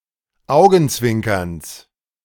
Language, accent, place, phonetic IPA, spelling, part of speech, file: German, Germany, Berlin, [ˈaʊ̯ɡn̩ˌt͡svɪŋkɐns], Augenzwinkerns, noun, De-Augenzwinkerns.ogg
- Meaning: genitive singular of Augenzwinkern